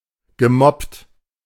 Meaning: past participle of moppen
- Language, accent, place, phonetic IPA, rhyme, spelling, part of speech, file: German, Germany, Berlin, [ɡəˈmɔpt], -ɔpt, gemoppt, verb, De-gemoppt.ogg